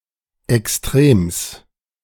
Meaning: genitive singular of Extrem
- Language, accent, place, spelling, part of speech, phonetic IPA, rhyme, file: German, Germany, Berlin, Extrems, noun, [ɛksˈtʁeːms], -eːms, De-Extrems.ogg